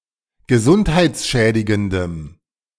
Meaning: strong dative masculine/neuter singular of gesundheitsschädigend
- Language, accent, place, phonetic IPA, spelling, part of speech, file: German, Germany, Berlin, [ɡəˈzʊnthaɪ̯t͡sˌʃɛːdɪɡəndəm], gesundheitsschädigendem, adjective, De-gesundheitsschädigendem.ogg